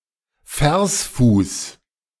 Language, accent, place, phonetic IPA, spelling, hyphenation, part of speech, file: German, Germany, Berlin, [ˈfɛʁsˌfuːs], Versfuß, Vers‧fuß, noun, De-Versfuß.ogg
- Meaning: metrical foot